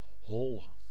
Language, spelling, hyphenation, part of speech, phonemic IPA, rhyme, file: Dutch, hol, hol, noun / adjective / verb, /ɦɔl/, -ɔl, Nl-hol.ogg
- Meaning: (noun) 1. a hole, hollow, cavity 2. a cargo hold 3. an anus, arsehole; both anatomical senses of butt 4. any other bodily cavity that resembles a hole 5. an artificial opening such as a slit